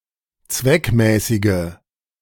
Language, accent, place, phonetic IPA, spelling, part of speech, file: German, Germany, Berlin, [ˈt͡svɛkˌmɛːsɪɡə], zweckmäßige, adjective, De-zweckmäßige.ogg
- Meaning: inflection of zweckmäßig: 1. strong/mixed nominative/accusative feminine singular 2. strong nominative/accusative plural 3. weak nominative all-gender singular